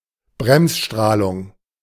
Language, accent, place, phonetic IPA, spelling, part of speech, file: German, Germany, Berlin, [ˈbʁɛmsˌʃtʁaːlʊŋ], Bremsstrahlung, noun, De-Bremsstrahlung.ogg
- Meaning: bremsstrahlung (the electromagnetic radiation produced by the deceleration of a charged particle, such as an electron, when it is deflected by another charged particle, such as an atomic nucleus)